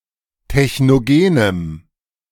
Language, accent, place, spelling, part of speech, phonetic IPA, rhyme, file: German, Germany, Berlin, technogenem, adjective, [tɛçnoˈɡeːnəm], -eːnəm, De-technogenem.ogg
- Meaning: strong dative masculine/neuter singular of technogen